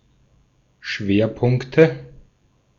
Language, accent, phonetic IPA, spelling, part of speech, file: German, Austria, [ˈʃveːɐ̯ˌpʊŋktə], Schwerpunkte, noun, De-at-Schwerpunkte.ogg
- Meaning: nominative/accusative/genitive plural of Schwerpunkt